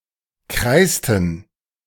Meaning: inflection of kreißen: 1. first/third-person plural preterite 2. first/third-person plural subjunctive II
- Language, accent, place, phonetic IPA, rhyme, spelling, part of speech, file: German, Germany, Berlin, [ˈkʁaɪ̯stn̩], -aɪ̯stn̩, kreißten, verb, De-kreißten.ogg